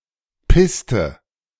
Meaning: inflection of pissen: 1. first/third-person singular preterite 2. first/third-person singular subjunctive II
- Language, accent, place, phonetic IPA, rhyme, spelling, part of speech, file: German, Germany, Berlin, [ˈpɪstə], -ɪstə, pisste, verb, De-pisste.ogg